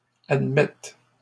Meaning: first/third-person singular present subjunctive of admettre
- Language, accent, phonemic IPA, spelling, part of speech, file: French, Canada, /ad.mɛt/, admette, verb, LL-Q150 (fra)-admette.wav